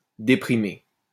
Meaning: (verb) past participle of déprimer; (adjective) depressed, dejected
- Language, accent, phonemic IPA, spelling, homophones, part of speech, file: French, France, /de.pʁi.me/, déprimé, déprimai / déprimée / déprimées / déprimer / déprimés / déprimez, verb / adjective, LL-Q150 (fra)-déprimé.wav